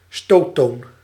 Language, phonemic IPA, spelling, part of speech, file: Dutch, /ˈstoːtoːn/, stoottoon, noun, Nl-stoottoon.ogg
- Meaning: falling tone